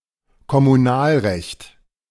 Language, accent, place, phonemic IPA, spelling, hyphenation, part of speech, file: German, Germany, Berlin, /kɔmuˈnaːlˌʁɛçt/, Kommunalrecht, Kom‧mu‧nal‧recht, noun, De-Kommunalrecht.ogg
- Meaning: municipal law